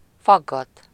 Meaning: to interrogate
- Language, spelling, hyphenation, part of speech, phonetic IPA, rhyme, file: Hungarian, faggat, fag‧gat, verb, [ˈfɒɡːɒt], -ɒt, Hu-faggat.ogg